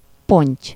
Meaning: carp (Cyprinus carpio)
- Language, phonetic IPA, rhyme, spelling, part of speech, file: Hungarian, [ˈpoɲc], -oɲc, ponty, noun, Hu-ponty.ogg